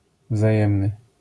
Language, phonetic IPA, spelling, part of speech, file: Polish, [vzaˈjɛ̃mnɨ], wzajemny, adjective, LL-Q809 (pol)-wzajemny.wav